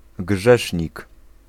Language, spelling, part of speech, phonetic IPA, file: Polish, grzesznik, noun, [ˈɡʒɛʃʲɲik], Pl-grzesznik.ogg